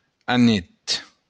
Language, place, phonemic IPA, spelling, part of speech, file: Occitan, Béarn, /aˈnet/, anet, noun, LL-Q14185 (oci)-anet.wav
- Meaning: 1. duck 2. dill (herb of the species Anethum graveolens)